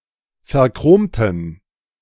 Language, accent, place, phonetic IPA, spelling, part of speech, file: German, Germany, Berlin, [fɛɐ̯ˈkʁoːmtn̩], verchromten, adjective / verb, De-verchromten.ogg
- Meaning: inflection of verchromt: 1. strong genitive masculine/neuter singular 2. weak/mixed genitive/dative all-gender singular 3. strong/weak/mixed accusative masculine singular 4. strong dative plural